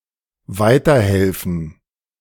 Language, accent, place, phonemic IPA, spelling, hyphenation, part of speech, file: German, Germany, Berlin, /ˈvaɪ̯tɐˌhɛlfən/, weiterhelfen, wei‧ter‧hel‧fen, verb, De-weiterhelfen.ogg
- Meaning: to help along